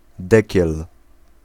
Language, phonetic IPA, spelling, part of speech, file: Polish, [ˈdɛcɛl], dekiel, noun, Pl-dekiel.ogg